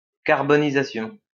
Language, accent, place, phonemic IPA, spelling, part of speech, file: French, France, Lyon, /kaʁ.bɔ.ni.za.sjɔ̃/, carbonisation, noun, LL-Q150 (fra)-carbonisation.wav
- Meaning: carbonisation